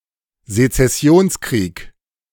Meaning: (noun) a war of secession; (proper noun) the American Civil War
- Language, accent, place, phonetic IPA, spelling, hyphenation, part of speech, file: German, Germany, Berlin, [zet͡sɛˈsi̯oːnsˌkʁiːk], Sezessionskrieg, Se‧zes‧si‧ons‧krieg, noun / proper noun, De-Sezessionskrieg.ogg